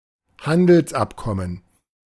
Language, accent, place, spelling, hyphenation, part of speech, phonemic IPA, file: German, Germany, Berlin, Handelsabkommen, Han‧dels‧ab‧kom‧men, noun, /ˈhandəlsˌ.apkɔmən/, De-Handelsabkommen.ogg
- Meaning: trade agreement